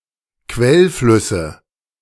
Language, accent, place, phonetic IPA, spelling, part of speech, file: German, Germany, Berlin, [ˈkvɛlˌflʏsə], Quellflüsse, noun, De-Quellflüsse.ogg
- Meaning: nominative/accusative/genitive plural of Quellfluss